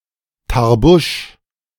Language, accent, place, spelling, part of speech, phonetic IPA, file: German, Germany, Berlin, Tarbusch, noun, [taʁˈbuːʃ], De-Tarbusch.ogg
- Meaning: tarboosh